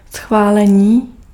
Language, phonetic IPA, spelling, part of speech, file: Czech, [ˈsxvaːlɛɲiː], schválení, noun, Cs-schválení.ogg
- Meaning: approval